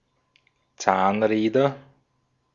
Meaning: nominative/accusative/genitive plural of Zahnrad
- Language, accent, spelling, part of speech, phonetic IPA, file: German, Austria, Zahnräder, noun, [ˈt͡saːnˌʁɛːdɐ], De-at-Zahnräder.ogg